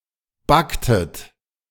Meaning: inflection of backen: 1. second-person plural preterite 2. second-person plural subjunctive II
- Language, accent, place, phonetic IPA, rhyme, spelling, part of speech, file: German, Germany, Berlin, [ˈbaktət], -aktət, backtet, verb, De-backtet.ogg